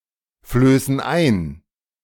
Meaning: inflection of einflößen: 1. first/third-person plural present 2. first/third-person plural subjunctive I
- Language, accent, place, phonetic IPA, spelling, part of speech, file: German, Germany, Berlin, [ˌfløːsn̩ ˈaɪ̯n], flößen ein, verb, De-flößen ein.ogg